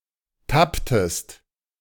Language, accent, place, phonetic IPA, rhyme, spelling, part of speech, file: German, Germany, Berlin, [ˈtaptəst], -aptəst, tapptest, verb, De-tapptest.ogg
- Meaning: inflection of tappen: 1. second-person singular preterite 2. second-person singular subjunctive II